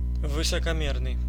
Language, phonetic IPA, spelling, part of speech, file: Russian, [vɨsəkɐˈmʲernɨj], высокомерный, adjective, Ru-высокомерный.ogg
- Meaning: haughty, arrogant, supercilious